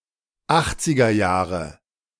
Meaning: The eighties (1980s)
- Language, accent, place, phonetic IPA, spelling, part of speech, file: German, Germany, Berlin, [ˈaxt͡sɪɡɐˌjaːʁə], Achtzigerjahre, noun, De-Achtzigerjahre.ogg